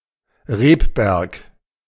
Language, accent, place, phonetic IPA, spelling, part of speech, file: German, Germany, Berlin, [ˈʁeːpˌbɛʁk], Rebberg, noun, De-Rebberg.ogg
- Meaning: vineyard